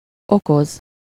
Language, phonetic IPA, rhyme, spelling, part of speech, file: Hungarian, [ˈokoz], -oz, okoz, verb, Hu-okoz.ogg
- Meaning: to cause, bring (to someone: -nak/-nek)